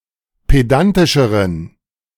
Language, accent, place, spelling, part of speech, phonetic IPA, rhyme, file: German, Germany, Berlin, pedantischeren, adjective, [ˌpeˈdantɪʃəʁən], -antɪʃəʁən, De-pedantischeren.ogg
- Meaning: inflection of pedantisch: 1. strong genitive masculine/neuter singular comparative degree 2. weak/mixed genitive/dative all-gender singular comparative degree